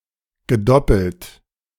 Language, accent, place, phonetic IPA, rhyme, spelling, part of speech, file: German, Germany, Berlin, [ɡəˈdɔpl̩t], -ɔpl̩t, gedoppelt, verb, De-gedoppelt.ogg
- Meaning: past participle of doppeln